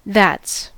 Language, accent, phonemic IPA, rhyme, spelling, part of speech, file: English, US, /ðæts/, -æts, that's, contraction / determiner, En-us-that's.ogg
- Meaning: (contraction) 1. That is 2. That has 3. That was; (determiner) whose, of which (in dialects that require a human antecedent for 'whose')